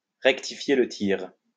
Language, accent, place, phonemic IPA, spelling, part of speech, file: French, France, Lyon, /ʁɛk.ti.fje l(ə) tiʁ/, rectifier le tir, verb, LL-Q150 (fra)-rectifier le tir.wav
- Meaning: to make adjustments, to adjust tactics, to change course; to set things back on track